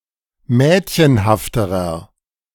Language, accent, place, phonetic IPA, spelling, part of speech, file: German, Germany, Berlin, [ˈmɛːtçənhaftəʁɐ], mädchenhafterer, adjective, De-mädchenhafterer.ogg
- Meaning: inflection of mädchenhaft: 1. strong/mixed nominative masculine singular comparative degree 2. strong genitive/dative feminine singular comparative degree 3. strong genitive plural comparative degree